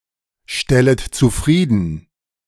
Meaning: second-person plural subjunctive I of zufriedenstellen
- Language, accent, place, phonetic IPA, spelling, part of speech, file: German, Germany, Berlin, [ˌʃtɛlət t͡suˈfʁiːdn̩], stellet zufrieden, verb, De-stellet zufrieden.ogg